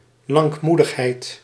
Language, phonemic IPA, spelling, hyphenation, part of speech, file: Dutch, /ˌlɑŋkˈmu.dəx.ɦɛi̯t/, lankmoedigheid, lank‧moe‧dig‧heid, noun, Nl-lankmoedigheid.ogg
- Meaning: the ability or quality to forgive or endure much, particularly used with reference to God, patience, forebearance